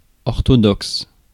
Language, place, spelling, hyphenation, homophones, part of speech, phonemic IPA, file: French, Paris, orthodoxe, or‧tho‧doxe, orthodoxes, adjective / noun, /ɔʁ.tɔ.dɔks/, Fr-orthodoxe.ogg
- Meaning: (adjective) 1. orthodox 2. Orthodox; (noun) orthodox (person)